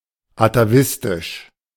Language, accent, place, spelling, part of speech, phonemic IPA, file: German, Germany, Berlin, atavistisch, adjective, /ɑ.tɑˈvisˈtiʃ/, De-atavistisch.ogg
- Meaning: atavistic